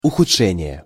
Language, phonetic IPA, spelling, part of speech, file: Russian, [ʊxʊt͡ʂˈʂɛnʲɪje], ухудшение, noun, Ru-ухудшение.ogg
- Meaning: worsening, deterioration